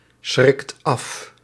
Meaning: inflection of afschrikken: 1. second/third-person singular present indicative 2. plural imperative
- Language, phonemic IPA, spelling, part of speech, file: Dutch, /ˈsxrɪkt ˈɑf/, schrikt af, verb, Nl-schrikt af.ogg